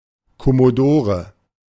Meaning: 1. commodore (a person holding the lowest flag rank in historical German-speaking navies) 2. commodore (the lowest flag rank in English-speaking countries, or in the merchant marine)
- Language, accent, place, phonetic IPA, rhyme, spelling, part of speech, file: German, Germany, Berlin, [kɔmoˈdoːʁə], -oːʁə, Kommodore, noun, De-Kommodore.ogg